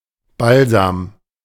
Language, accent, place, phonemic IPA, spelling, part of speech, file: German, Germany, Berlin, /ˈbalza(ː)m/, Balsam, noun, De-Balsam.ogg
- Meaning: balm, balsam, ointment